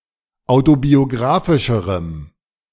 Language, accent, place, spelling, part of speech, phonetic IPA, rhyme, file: German, Germany, Berlin, autobiografischerem, adjective, [ˌaʊ̯tobioˈɡʁaːfɪʃəʁəm], -aːfɪʃəʁəm, De-autobiografischerem.ogg
- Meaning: strong dative masculine/neuter singular comparative degree of autobiografisch